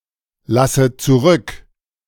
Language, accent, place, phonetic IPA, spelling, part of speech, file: German, Germany, Berlin, [ˌlasə t͡suˈʁʏk], lasse zurück, verb, De-lasse zurück.ogg
- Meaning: inflection of zurücklassen: 1. first-person singular present 2. first/third-person singular subjunctive I 3. singular imperative